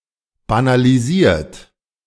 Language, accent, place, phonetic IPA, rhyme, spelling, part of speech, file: German, Germany, Berlin, [banaliˈziːɐ̯t], -iːɐ̯t, banalisiert, verb, De-banalisiert.ogg
- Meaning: 1. past participle of banalisieren 2. inflection of banalisieren: third-person singular present 3. inflection of banalisieren: second-person plural present